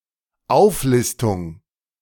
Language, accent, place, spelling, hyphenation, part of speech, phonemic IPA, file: German, Germany, Berlin, Auflistung, Auf‧lis‧tung, noun, /ˈaʊ̯fˌlɪstʊŋ/, De-Auflistung.ogg
- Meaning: listing, list